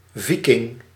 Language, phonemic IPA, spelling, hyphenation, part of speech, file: Dutch, /ˈvi.kɪŋ/, Viking, Vi‧king, noun, Nl-Viking.ogg
- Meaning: a Viking